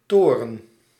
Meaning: 1. a tower 2. a rook 3. the fin or sail of a submarine
- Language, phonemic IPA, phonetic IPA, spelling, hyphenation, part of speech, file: Dutch, /ˈtoː.rə(n)/, [ˈtʊːrə(n)], toren, to‧ren, noun, Nl-toren.ogg